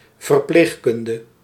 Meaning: nursing, medical care
- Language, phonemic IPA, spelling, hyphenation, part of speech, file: Dutch, /vərˈpleːxˌkʏn.də/, verpleegkunde, ver‧pleeg‧kun‧de, noun, Nl-verpleegkunde.ogg